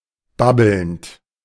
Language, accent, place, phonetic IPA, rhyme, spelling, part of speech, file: German, Germany, Berlin, [ˈbabl̩nt], -abl̩nt, babbelnd, verb, De-babbelnd.ogg
- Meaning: present participle of babbeln